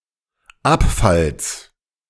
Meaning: genitive singular of Abfall
- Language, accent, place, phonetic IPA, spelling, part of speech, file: German, Germany, Berlin, [ˈapˌfals], Abfalls, noun, De-Abfalls.ogg